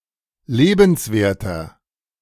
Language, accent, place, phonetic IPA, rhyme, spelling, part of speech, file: German, Germany, Berlin, [ˈleːbn̩sˌveːɐ̯tɐ], -eːbn̩sveːɐ̯tɐ, lebenswerter, adjective, De-lebenswerter.ogg
- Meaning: 1. comparative degree of lebenswert 2. inflection of lebenswert: strong/mixed nominative masculine singular 3. inflection of lebenswert: strong genitive/dative feminine singular